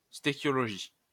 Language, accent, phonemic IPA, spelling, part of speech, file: French, France, /ste.kjɔ.lɔ.ʒi/, stœchiologie, noun, LL-Q150 (fra)-stœchiologie.wav
- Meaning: stoichiology